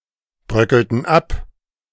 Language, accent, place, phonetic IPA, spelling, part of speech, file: German, Germany, Berlin, [ˌbʁœkəltn̩ ˈap], bröckelten ab, verb, De-bröckelten ab.ogg
- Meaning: inflection of abbröckeln: 1. first/third-person plural preterite 2. first/third-person plural subjunctive II